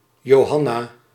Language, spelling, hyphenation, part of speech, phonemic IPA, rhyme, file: Dutch, Johanna, Jo‧han‧na, proper noun, /ˌjoːˈɦɑ.naː/, -ɑnaː, Nl-Johanna.ogg
- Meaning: 1. a female given name from Latin, masculine equivalent Johannes, equivalent to English Jane 2. Joanna